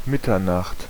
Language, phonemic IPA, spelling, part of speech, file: German, /ˈmɪtɐnaχt/, Mitternacht, noun, De-Mitternacht.ogg
- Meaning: 1. midnight 2. north